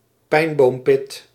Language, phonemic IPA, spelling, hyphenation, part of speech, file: Dutch, /ˈpɛi̯n.boːmˌpɪt/, pijnboompit, pijn‧boom‧pit, noun, Nl-pijnboompit.ogg
- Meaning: pine nut (edible seed of a pine)